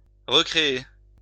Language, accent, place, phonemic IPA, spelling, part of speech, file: French, France, Lyon, /ʁə.kʁe.e/, recréer, verb, LL-Q150 (fra)-recréer.wav
- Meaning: to recreate